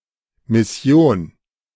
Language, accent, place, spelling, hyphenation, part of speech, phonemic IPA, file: German, Germany, Berlin, Mission, Mis‧si‧on, noun, /mɪˈsjoːn/, De-Mission.ogg
- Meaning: 1. mission (set of tasks) 2. mission (group of people appointed for such a task; their place of work) 3. mission, evangelization, proselytism (religious, especially Christian, activism)